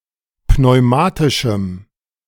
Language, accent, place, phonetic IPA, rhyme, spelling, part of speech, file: German, Germany, Berlin, [pnɔɪ̯ˈmaːtɪʃm̩], -aːtɪʃm̩, pneumatischem, adjective, De-pneumatischem.ogg
- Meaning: strong dative masculine/neuter singular of pneumatisch